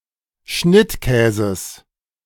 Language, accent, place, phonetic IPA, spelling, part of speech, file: German, Germany, Berlin, [ˈʃnɪtˌkɛːzəs], Schnittkäses, noun, De-Schnittkäses.ogg
- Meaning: genitive singular of Schnittkäse